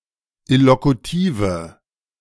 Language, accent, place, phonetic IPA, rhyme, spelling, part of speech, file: German, Germany, Berlin, [ɪlokuˈtiːvə], -iːvə, illokutive, adjective, De-illokutive.ogg
- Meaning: inflection of illokutiv: 1. strong/mixed nominative/accusative feminine singular 2. strong nominative/accusative plural 3. weak nominative all-gender singular